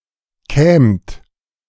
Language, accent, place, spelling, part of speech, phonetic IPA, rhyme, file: German, Germany, Berlin, kämt, verb, [kɛːmt], -ɛːmt, De-kämt.ogg
- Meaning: second-person plural subjunctive II of kommen